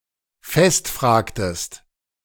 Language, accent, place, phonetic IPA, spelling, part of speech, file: German, Germany, Berlin, [ˈfɛstˌfr̺aːktəst], festfragtest, verb, De-festfragtest.ogg
- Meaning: inflection of festfragen: 1. second-person singular preterite 2. second-person singular subjunctive II